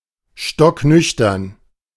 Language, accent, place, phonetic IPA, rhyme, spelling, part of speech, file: German, Germany, Berlin, [ˌʃtɔkˈnʏçtɐn], -ʏçtɐn, stocknüchtern, adjective, De-stocknüchtern.ogg
- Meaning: stone-cold sober